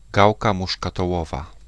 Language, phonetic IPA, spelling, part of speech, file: Polish, [ˈɡawka ˌmuʃkatɔˈwɔva], gałka muszkatołowa, noun, Pl-gałka muszkatołowa.ogg